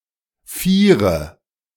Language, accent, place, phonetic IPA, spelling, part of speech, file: German, Germany, Berlin, [ˈfiːɐ̯dimɛnzi̯oˌnaːləs], vierdimensionales, adjective, De-vierdimensionales.ogg
- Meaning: strong/mixed nominative/accusative neuter singular of vierdimensional